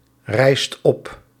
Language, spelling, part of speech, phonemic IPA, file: Dutch, rijst op, verb, /ˈrɛist ˈɔp/, Nl-rijst op.ogg
- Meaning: inflection of oprijzen: 1. second/third-person singular present indicative 2. plural imperative